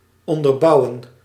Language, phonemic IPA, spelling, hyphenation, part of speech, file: Dutch, /ˌɔn.dərˈbɑu̯.ə(n)/, onderbouwen, on‧der‧bou‧wen, verb, Nl-onderbouwen.ogg
- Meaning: 1. to support, to buttress 2. to substantiate (a claim), to corroborate, to justify